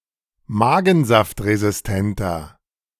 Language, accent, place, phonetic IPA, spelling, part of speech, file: German, Germany, Berlin, [ˈmaːɡn̩zaftʁezɪsˌtɛntɐ], magensaftresistenter, adjective, De-magensaftresistenter.ogg
- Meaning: inflection of magensaftresistent: 1. strong/mixed nominative masculine singular 2. strong genitive/dative feminine singular 3. strong genitive plural